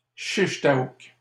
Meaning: shish taouk, chicken shawarma, as a plate or a pita sandwich
- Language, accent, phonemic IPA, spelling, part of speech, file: French, Canada, /ʃiʃ ta.uk/, shish taouk, noun, LL-Q150 (fra)-shish taouk.wav